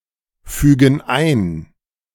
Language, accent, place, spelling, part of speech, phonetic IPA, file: German, Germany, Berlin, fügen ein, verb, [ˌfyːɡn̩ ˈaɪ̯n], De-fügen ein.ogg
- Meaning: inflection of einfügen: 1. first/third-person plural present 2. first/third-person plural subjunctive I